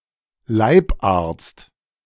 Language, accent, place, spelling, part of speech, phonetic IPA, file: German, Germany, Berlin, Leibarzt, noun, [ˈlaɪ̯pˌʔaʁt͡st], De-Leibarzt.ogg
- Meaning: personal physician